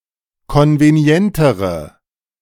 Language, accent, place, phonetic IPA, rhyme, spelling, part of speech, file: German, Germany, Berlin, [ˌkɔnveˈni̯ɛntəʁə], -ɛntəʁə, konvenientere, adjective, De-konvenientere.ogg
- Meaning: inflection of konvenient: 1. strong/mixed nominative/accusative feminine singular comparative degree 2. strong nominative/accusative plural comparative degree